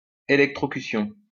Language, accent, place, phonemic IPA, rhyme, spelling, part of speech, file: French, France, Lyon, /e.lɛk.tʁɔ.ky.sjɔ̃/, -ɔ̃, électrocution, noun, LL-Q150 (fra)-électrocution.wav
- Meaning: electrocution